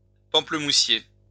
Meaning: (noun) grapefruit tree (Citrus maxima) from the Rutaceae family; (adjective) grapefruit
- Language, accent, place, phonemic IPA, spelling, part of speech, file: French, France, Lyon, /pɑ̃.plə.mu.sje/, pamplemoussier, noun / adjective, LL-Q150 (fra)-pamplemoussier.wav